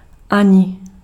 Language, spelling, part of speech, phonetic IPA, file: Czech, ani, conjunction, [ˈaɲɪ], Cs-ani.ogg
- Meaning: 1. neither, nor, or (in negative) 2. even (with negative clause)